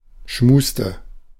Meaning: inflection of schmusen: 1. first/third-person singular preterite 2. first/third-person singular subjunctive II
- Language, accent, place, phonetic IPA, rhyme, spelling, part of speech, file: German, Germany, Berlin, [ˈʃmuːstə], -uːstə, schmuste, verb, De-schmuste.ogg